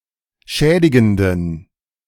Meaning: inflection of schädigend: 1. strong genitive masculine/neuter singular 2. weak/mixed genitive/dative all-gender singular 3. strong/weak/mixed accusative masculine singular 4. strong dative plural
- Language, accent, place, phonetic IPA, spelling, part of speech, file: German, Germany, Berlin, [ˈʃɛːdɪɡn̩dən], schädigenden, adjective, De-schädigenden.ogg